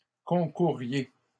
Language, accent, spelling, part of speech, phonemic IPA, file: French, Canada, concouriez, verb, /kɔ̃.ku.ʁje/, LL-Q150 (fra)-concouriez.wav
- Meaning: inflection of concourir: 1. second-person plural imperfect indicative 2. second-person plural present subjunctive